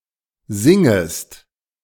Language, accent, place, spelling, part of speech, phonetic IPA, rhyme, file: German, Germany, Berlin, singest, verb, [ˈzɪŋəst], -ɪŋəst, De-singest.ogg
- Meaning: second-person singular subjunctive I of singen